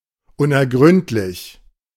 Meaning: 1. unfathomable, fathomless, deep 2. inscrutable 3. impenetrable
- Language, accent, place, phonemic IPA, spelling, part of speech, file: German, Germany, Berlin, /ʊnʔɛɐ̯ˈɡʁʏntlɪç/, unergründlich, adjective, De-unergründlich.ogg